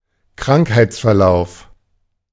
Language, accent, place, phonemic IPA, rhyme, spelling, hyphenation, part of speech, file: German, Germany, Berlin, /ˈkʁaŋkhaɪ̯t͡sfɛɐ̯ˌlaʊ̯f/, -aʊ̯f, Krankheitsverlauf, Krank‧heits‧ver‧lauf, noun, De-Krankheitsverlauf.ogg
- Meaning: disease progression